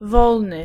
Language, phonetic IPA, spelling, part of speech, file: Polish, [ˈvɔlnɨ], wolny, adjective, Pl-wolny.ogg